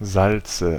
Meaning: nominative/accusative/genitive plural of Salz "salts"
- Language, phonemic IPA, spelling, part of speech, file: German, /ˈzaltsə/, Salze, noun, De-Salze.ogg